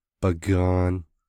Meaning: 1. his/her/its/their arm 2. his/her/its/their limb 3. its/their foreleg 4. its/their branch 5. its/their front wheel
- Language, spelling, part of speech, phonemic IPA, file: Navajo, bigaan, noun, /pɪ̀kɑ̀ːn/, Nv-bigaan.ogg